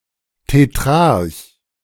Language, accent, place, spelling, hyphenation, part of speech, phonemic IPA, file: German, Germany, Berlin, Tetrarch, Te‧t‧rarch, noun, /teˈtʁaʁç/, De-Tetrarch.ogg
- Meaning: tetrarch